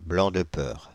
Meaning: scared to death, white as a sheet, terrified
- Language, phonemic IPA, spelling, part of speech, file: French, /blɑ̃ d(ə) pœʁ/, blanc de peur, adjective, Fr-blanc de peur.ogg